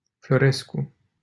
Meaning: a surname
- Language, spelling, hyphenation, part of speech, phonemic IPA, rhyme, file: Romanian, Florescu, Flo‧res‧cu, proper noun, /flo.ˈres.ku/, -esku, LL-Q7913 (ron)-Florescu.wav